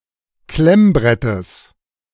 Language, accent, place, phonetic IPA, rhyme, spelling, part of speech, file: German, Germany, Berlin, [ˈklɛmˌbʁɛtəs], -ɛmbʁɛtəs, Klemmbrettes, noun, De-Klemmbrettes.ogg
- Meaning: genitive of Klemmbrett